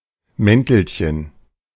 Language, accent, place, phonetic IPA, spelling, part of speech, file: German, Germany, Berlin, [ˈmɛntl̩çən], Mäntelchen, noun, De-Mäntelchen.ogg
- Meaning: diminutive of Mantel